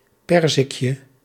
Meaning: diminutive of perzik
- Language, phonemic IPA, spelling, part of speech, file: Dutch, /ˈpɛrzɪkjə/, perzikje, noun, Nl-perzikje.ogg